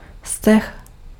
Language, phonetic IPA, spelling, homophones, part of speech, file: Czech, [stɛx], steh, stech, noun, Cs-steh.ogg